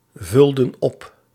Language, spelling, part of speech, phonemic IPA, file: Dutch, vulden op, verb, /ˈvʏldə(n) ˈɔp/, Nl-vulden op.ogg
- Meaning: inflection of opvullen: 1. plural past indicative 2. plural past subjunctive